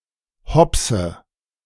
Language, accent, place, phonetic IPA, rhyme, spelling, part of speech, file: German, Germany, Berlin, [ˈhɔpsə], -ɔpsə, hopse, verb, De-hopse.ogg
- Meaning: inflection of hopsen: 1. first-person singular present 2. first/third-person singular subjunctive I 3. singular imperative